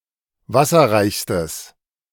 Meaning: strong/mixed nominative/accusative neuter singular superlative degree of wasserreich
- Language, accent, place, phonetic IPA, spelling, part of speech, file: German, Germany, Berlin, [ˈvasɐʁaɪ̯çstəs], wasserreichstes, adjective, De-wasserreichstes.ogg